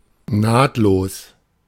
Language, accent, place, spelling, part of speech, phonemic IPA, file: German, Germany, Berlin, nahtlos, adjective / adverb, /ˈnaːtloːs/, De-nahtlos.ogg
- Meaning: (adjective) seamless; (adverb) seamlessly, smoothly